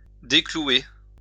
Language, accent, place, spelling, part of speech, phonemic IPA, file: French, France, Lyon, déclouer, verb, /de.klu.e/, LL-Q150 (fra)-déclouer.wav
- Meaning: to unnail